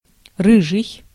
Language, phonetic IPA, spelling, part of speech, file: Russian, [ˈrɨʐɨj], рыжий, adjective / noun, Ru-рыжий.ogg
- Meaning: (adjective) 1. red, sorrel 2. red, ginger 3. red-haired, red-headed, ginger; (noun) circus clown